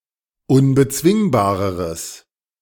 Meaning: strong/mixed nominative/accusative neuter singular comparative degree of unbezwingbar
- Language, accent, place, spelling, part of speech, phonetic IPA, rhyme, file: German, Germany, Berlin, unbezwingbareres, adjective, [ʊnbəˈt͡svɪŋbaːʁəʁəs], -ɪŋbaːʁəʁəs, De-unbezwingbareres.ogg